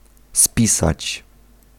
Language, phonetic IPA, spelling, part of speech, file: Polish, [ˈspʲisat͡ɕ], spisać, verb, Pl-spisać.ogg